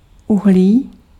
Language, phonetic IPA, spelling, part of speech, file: Czech, [ˈuɦliː], uhlí, noun, Cs-uhlí.ogg
- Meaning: coal (carbon fuel)